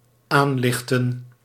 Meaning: to begin to shine, to break (of dawn), to dawn
- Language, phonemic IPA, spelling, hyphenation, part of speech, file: Dutch, /ˈaːˌlɪx.tə(n)/, aanlichten, aan‧lich‧ten, verb, Nl-aanlichten.ogg